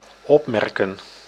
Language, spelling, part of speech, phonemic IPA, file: Dutch, opmerken, verb, /ˈɔpmɛrkə(n)/, Nl-opmerken.ogg
- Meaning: to remark, notice